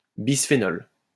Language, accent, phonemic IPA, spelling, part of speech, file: French, France, /bis.fe.nɔl/, bisphénol, noun, LL-Q150 (fra)-bisphénol.wav
- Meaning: bisphenol